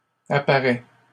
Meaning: third-person singular present indicative of apparaitre
- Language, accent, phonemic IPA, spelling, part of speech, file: French, Canada, /a.pa.ʁɛ/, apparait, verb, LL-Q150 (fra)-apparait.wav